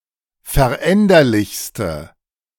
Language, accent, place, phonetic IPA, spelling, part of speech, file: German, Germany, Berlin, [fɛɐ̯ˈʔɛndɐlɪçstə], veränderlichste, adjective, De-veränderlichste.ogg
- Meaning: inflection of veränderlich: 1. strong/mixed nominative/accusative feminine singular superlative degree 2. strong nominative/accusative plural superlative degree